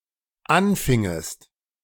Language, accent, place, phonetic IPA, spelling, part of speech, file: German, Germany, Berlin, [ˈanˌfɪŋəst], anfingest, verb, De-anfingest.ogg
- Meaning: second-person singular dependent subjunctive II of anfangen